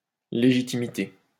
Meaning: legitimacy
- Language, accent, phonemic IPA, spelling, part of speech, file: French, France, /le.ʒi.ti.mi.te/, légitimité, noun, LL-Q150 (fra)-légitimité.wav